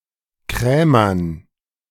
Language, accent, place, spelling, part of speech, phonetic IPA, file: German, Germany, Berlin, Krämern, noun, [ˈkʁɛːmɐn], De-Krämern.ogg
- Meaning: dative plural of Krämer